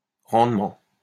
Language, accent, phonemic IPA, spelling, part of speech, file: French, France, /ʁɑ̃d.mɑ̃/, rendement, noun, LL-Q150 (fra)-rendement.wav
- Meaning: 1. production, output, yield 2. efficiency, productivity